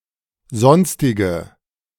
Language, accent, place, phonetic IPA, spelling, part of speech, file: German, Germany, Berlin, [ˈzɔnstɪɡə], sonstige, adjective, De-sonstige.ogg
- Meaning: inflection of sonstig: 1. strong/mixed nominative/accusative feminine singular 2. strong nominative/accusative plural 3. weak nominative all-gender singular 4. weak accusative feminine/neuter singular